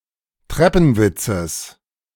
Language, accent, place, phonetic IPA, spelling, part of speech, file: German, Germany, Berlin, [ˈtʁɛpn̩ˌvɪt͡səs], Treppenwitzes, noun, De-Treppenwitzes.ogg
- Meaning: genitive singular of Treppenwitz